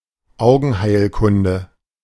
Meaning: ophthalmology
- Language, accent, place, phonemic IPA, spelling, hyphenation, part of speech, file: German, Germany, Berlin, /ˈʔaʊ̯ɡənˌhaɪ̯lkʊndə/, Augenheilkunde, Au‧gen‧heil‧kun‧de, noun, De-Augenheilkunde.ogg